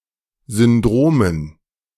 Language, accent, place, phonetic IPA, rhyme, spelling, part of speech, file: German, Germany, Berlin, [zʏnˈdʁoːmən], -oːmən, Syndromen, noun, De-Syndromen.ogg
- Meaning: dative plural of Syndrom